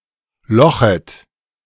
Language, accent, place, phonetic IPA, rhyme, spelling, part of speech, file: German, Germany, Berlin, [ˈlɔxət], -ɔxət, lochet, verb, De-lochet.ogg
- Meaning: second-person plural subjunctive I of lochen